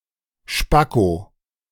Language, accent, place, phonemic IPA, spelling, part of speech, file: German, Germany, Berlin, /ˈʃpako/, Spacko, noun, De-Spacko.ogg
- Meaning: alternative form of Spacken